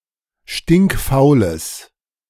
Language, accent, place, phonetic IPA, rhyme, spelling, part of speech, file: German, Germany, Berlin, [ˌʃtɪŋkˈfaʊ̯ləs], -aʊ̯ləs, stinkfaules, adjective, De-stinkfaules.ogg
- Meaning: strong/mixed nominative/accusative neuter singular of stinkfaul